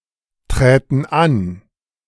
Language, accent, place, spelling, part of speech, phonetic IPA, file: German, Germany, Berlin, träten an, verb, [ˌtʁɛːtn̩ ˈan], De-träten an.ogg
- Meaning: first-person plural subjunctive II of antreten